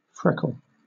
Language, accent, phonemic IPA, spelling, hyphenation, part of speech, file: English, Southern England, /ˈfɹɛkl̩/, freckle, freck‧le, noun / verb, LL-Q1860 (eng)-freckle.wav
- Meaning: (noun) 1. A small brownish or reddish pigmentation spot on the surface of the skin 2. Any small spot which has a different colour from its background